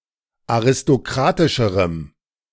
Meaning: strong dative masculine/neuter singular comparative degree of aristokratisch
- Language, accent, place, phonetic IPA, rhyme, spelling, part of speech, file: German, Germany, Berlin, [aʁɪstoˈkʁaːtɪʃəʁəm], -aːtɪʃəʁəm, aristokratischerem, adjective, De-aristokratischerem.ogg